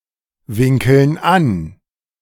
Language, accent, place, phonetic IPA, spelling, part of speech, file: German, Germany, Berlin, [ˌvɪŋkl̩n ˈan], winkeln an, verb, De-winkeln an.ogg
- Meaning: inflection of anwinkeln: 1. first/third-person plural present 2. first/third-person plural subjunctive I